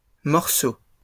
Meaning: plural of morceau
- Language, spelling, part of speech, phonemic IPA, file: French, morceaux, noun, /mɔʁ.so/, LL-Q150 (fra)-morceaux.wav